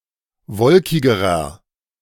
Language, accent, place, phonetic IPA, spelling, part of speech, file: German, Germany, Berlin, [ˈvɔlkɪɡəʁɐ], wolkigerer, adjective, De-wolkigerer.ogg
- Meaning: inflection of wolkig: 1. strong/mixed nominative masculine singular comparative degree 2. strong genitive/dative feminine singular comparative degree 3. strong genitive plural comparative degree